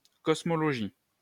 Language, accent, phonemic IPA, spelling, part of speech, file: French, France, /kɔs.mɔ.lɔ.ʒi/, cosmologie, noun, LL-Q150 (fra)-cosmologie.wav
- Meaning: cosmology (study of the physical universe)